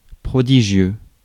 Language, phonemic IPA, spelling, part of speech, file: French, /pʁɔ.di.ʒjø/, prodigieux, adjective, Fr-prodigieux.ogg
- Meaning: 1. prodigious 2. terrific, immense, magnificent